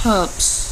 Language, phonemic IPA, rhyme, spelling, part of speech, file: English, /hɛlps/, -ɛlps, helps, verb / noun, En-helps.ogg
- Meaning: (verb) third-person singular simple present indicative of help; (noun) plural of help